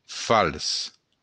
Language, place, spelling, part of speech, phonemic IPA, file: Occitan, Béarn, fals, adjective, /fals/, LL-Q14185 (oci)-fals.wav
- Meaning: false